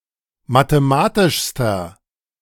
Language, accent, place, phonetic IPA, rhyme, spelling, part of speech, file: German, Germany, Berlin, [mateˈmaːtɪʃstɐ], -aːtɪʃstɐ, mathematischster, adjective, De-mathematischster.ogg
- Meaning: inflection of mathematisch: 1. strong/mixed nominative masculine singular superlative degree 2. strong genitive/dative feminine singular superlative degree 3. strong genitive plural superlative degree